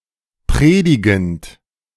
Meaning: present participle of predigen
- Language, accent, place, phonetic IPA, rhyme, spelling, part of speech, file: German, Germany, Berlin, [ˈpʁeːdɪɡn̩t], -eːdɪɡn̩t, predigend, verb, De-predigend.ogg